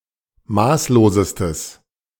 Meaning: strong/mixed nominative/accusative neuter singular superlative degree of maßlos
- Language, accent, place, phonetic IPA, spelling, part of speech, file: German, Germany, Berlin, [ˈmaːsloːzəstəs], maßlosestes, adjective, De-maßlosestes.ogg